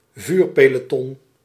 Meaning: firing squad, armed people lined up to perform an execution by bullet(s)
- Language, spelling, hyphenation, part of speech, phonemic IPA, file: Dutch, vuurpeloton, vuur‧pe‧lo‧ton, noun, /ˈvyːr.peː.loːˌtɔn/, Nl-vuurpeloton.ogg